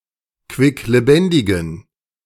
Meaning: inflection of quicklebendig: 1. strong genitive masculine/neuter singular 2. weak/mixed genitive/dative all-gender singular 3. strong/weak/mixed accusative masculine singular 4. strong dative plural
- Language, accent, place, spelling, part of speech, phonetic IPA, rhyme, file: German, Germany, Berlin, quicklebendigen, adjective, [kvɪkleˈbɛndɪɡn̩], -ɛndɪɡn̩, De-quicklebendigen.ogg